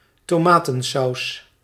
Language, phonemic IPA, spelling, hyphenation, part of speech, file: Dutch, /toːˈmaː.tə(n)ˌsɑu̯s/, tomatensaus, to‧ma‧ten‧saus, noun, Nl-tomatensaus.ogg
- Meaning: tomato sauce